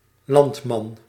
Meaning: farmer, peasant, rustic
- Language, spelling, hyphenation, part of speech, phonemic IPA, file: Dutch, landman, land‧man, noun, /ˈlɑnt.mɑn/, Nl-landman.ogg